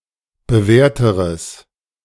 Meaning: strong/mixed nominative/accusative neuter singular comparative degree of bewährt
- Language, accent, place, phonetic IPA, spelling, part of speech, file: German, Germany, Berlin, [bəˈvɛːɐ̯təʁəs], bewährteres, adjective, De-bewährteres.ogg